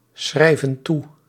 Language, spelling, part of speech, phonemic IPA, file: Dutch, schrijven toe, verb, /ˈsxrɛivə(n) ˈtu/, Nl-schrijven toe.ogg
- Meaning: inflection of toeschrijven: 1. plural present indicative 2. plural present subjunctive